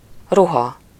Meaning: 1. clothes (articles made of fabrics, wool or leather, used to cover the human body) 2. garment, piece of clothing (a single item of clothing, such as a shirt or a sock)
- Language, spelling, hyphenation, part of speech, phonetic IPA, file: Hungarian, ruha, ru‧ha, noun, [ˈruɦɒ], Hu-ruha.ogg